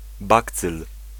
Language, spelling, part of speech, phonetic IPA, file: Polish, bakcyl, noun, [ˈbakt͡sɨl], Pl-bakcyl.ogg